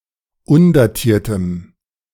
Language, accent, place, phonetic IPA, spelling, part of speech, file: German, Germany, Berlin, [ˈʊndaˌtiːɐ̯təm], undatiertem, adjective, De-undatiertem.ogg
- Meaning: strong dative masculine/neuter singular of undatiert